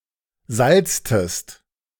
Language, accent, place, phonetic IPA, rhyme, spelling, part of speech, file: German, Germany, Berlin, [ˈzalt͡stəst], -alt͡stəst, salztest, verb, De-salztest.ogg
- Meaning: inflection of salzen: 1. second-person singular preterite 2. second-person singular subjunctive II